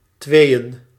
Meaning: 1. plural of twee 2. dative singular of twee
- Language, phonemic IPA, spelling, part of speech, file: Dutch, /ˈtwejə(n)/, tweeën, noun, Nl-tweeën.ogg